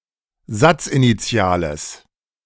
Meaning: strong/mixed nominative/accusative neuter singular of satzinitial
- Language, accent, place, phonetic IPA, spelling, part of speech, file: German, Germany, Berlin, [ˈzat͡sʔiniˌt͡si̯aːləs], satzinitiales, adjective, De-satzinitiales.ogg